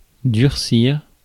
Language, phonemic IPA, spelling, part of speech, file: French, /dyʁ.siʁ/, durcir, verb, Fr-durcir.ogg
- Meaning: 1. to harden 2. to harden, become more serious